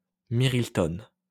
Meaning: reed-pipe (flute-like instrument made from a reed that is sealed at both ends using an onion peel)
- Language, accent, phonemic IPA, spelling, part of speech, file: French, France, /miʁ.li.tɔ̃/, mirliton, noun, LL-Q150 (fra)-mirliton.wav